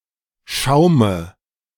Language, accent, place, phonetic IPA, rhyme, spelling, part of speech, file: German, Germany, Berlin, [ˈʃaʊ̯mə], -aʊ̯mə, Schaume, noun, De-Schaume.ogg
- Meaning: dative of Schaum